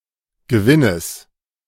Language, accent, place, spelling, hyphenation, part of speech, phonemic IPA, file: German, Germany, Berlin, Gewinnes, Ge‧win‧nes, noun, /ɡəˈvɪnəs/, De-Gewinnes.ogg
- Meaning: genitive singular of Gewinn